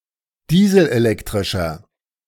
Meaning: inflection of dieselelektrisch: 1. strong/mixed nominative masculine singular 2. strong genitive/dative feminine singular 3. strong genitive plural
- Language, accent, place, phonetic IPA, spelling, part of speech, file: German, Germany, Berlin, [ˈdiːzl̩ʔeˌlɛktʁɪʃɐ], dieselelektrischer, adjective, De-dieselelektrischer.ogg